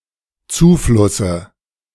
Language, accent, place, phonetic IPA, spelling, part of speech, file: German, Germany, Berlin, [ˈt͡suːˌflʊsə], Zuflusse, noun, De-Zuflusse.ogg
- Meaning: dative of Zufluss